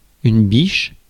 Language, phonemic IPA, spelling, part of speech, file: French, /biʃ/, biche, noun / verb, Fr-biche.ogg
- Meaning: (noun) 1. doe, hind 2. doe, hind: wapiti (elk) 3. darling, sweetheart (affectionate name for one's girlfriend) 4. cutie